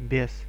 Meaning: demon, devil
- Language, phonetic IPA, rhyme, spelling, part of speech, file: Russian, [bʲes], -es, бес, noun, Ru-бес.ogg